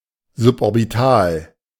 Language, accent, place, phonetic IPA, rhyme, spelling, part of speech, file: German, Germany, Berlin, [zʊpʔɔʁbɪˈtaːl], -aːl, suborbital, adjective, De-suborbital.ogg
- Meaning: suborbital